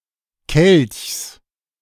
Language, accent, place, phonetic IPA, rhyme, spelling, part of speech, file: German, Germany, Berlin, [kɛlçs], -ɛlçs, Kelchs, noun, De-Kelchs.ogg
- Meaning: genitive singular of Kelch